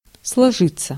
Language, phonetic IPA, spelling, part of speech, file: Russian, [sɫɐˈʐɨt͡sːə], сложиться, verb, Ru-сложиться.ogg
- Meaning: 1. to chip in; to club together (with), to pool (with), to pool one's money / resources 2. to (be) form(ed), to develop, to turn out, to take shape; to arise (of a situation, relationship)